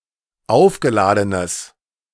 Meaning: strong/mixed nominative/accusative neuter singular of aufgeladen
- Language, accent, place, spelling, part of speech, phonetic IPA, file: German, Germany, Berlin, aufgeladenes, adjective, [ˈaʊ̯fɡəˌlaːdənəs], De-aufgeladenes.ogg